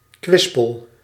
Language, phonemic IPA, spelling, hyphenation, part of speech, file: Dutch, /ˈkʋɪs.pəl/, kwispel, kwis‧pel, noun / verb, Nl-kwispel.ogg
- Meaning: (noun) 1. a bundle, especially of hair, often used as a crude brush 2. a tassel 3. a wag, the act of wagging; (verb) inflection of kwispelen: first-person singular present indicative